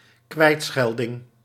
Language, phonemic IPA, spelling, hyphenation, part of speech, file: Dutch, /ˈkʋɛi̯tˌsxɛl.dɪŋ/, kwijtschelding, kwijt‧schel‧ding, noun, Nl-kwijtschelding.ogg
- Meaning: a waiver, a pardon, a write off (of debt, duty or punishment)